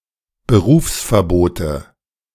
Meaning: nominative/accusative/genitive plural of Berufsverbot
- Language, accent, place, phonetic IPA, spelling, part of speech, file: German, Germany, Berlin, [bəˈʁuːfsfɛɐ̯ˌboːtə], Berufsverbote, noun, De-Berufsverbote.ogg